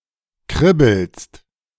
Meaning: second-person singular present of kribbeln
- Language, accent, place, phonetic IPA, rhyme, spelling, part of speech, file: German, Germany, Berlin, [ˈkʁɪbl̩st], -ɪbl̩st, kribbelst, verb, De-kribbelst.ogg